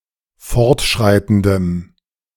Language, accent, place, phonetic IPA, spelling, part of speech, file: German, Germany, Berlin, [ˈfɔʁtˌʃʁaɪ̯tn̩dəm], fortschreitendem, adjective, De-fortschreitendem.ogg
- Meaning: strong dative masculine/neuter singular of fortschreitend